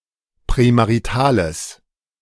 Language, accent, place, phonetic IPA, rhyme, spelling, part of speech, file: German, Germany, Berlin, [pʁɛmaʁiˈtaːləs], -aːləs, prämaritales, adjective, De-prämaritales.ogg
- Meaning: strong/mixed nominative/accusative neuter singular of prämarital